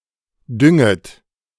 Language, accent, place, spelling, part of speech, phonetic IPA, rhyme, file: German, Germany, Berlin, dünget, verb, [ˈdʏŋət], -ʏŋət, De-dünget.ogg
- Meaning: second-person plural subjunctive I of düngen